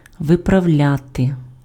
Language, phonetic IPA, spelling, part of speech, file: Ukrainian, [ʋeprɐu̯ˈlʲate], виправляти, verb, Uk-виправляти.ogg
- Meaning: 1. to correct 2. to rectify, to put right, to straighten out